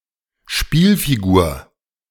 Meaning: man (piece in board games)
- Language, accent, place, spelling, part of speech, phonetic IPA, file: German, Germany, Berlin, Spielfigur, noun, [ˈʃpiːlfiˌɡuːɐ̯], De-Spielfigur.ogg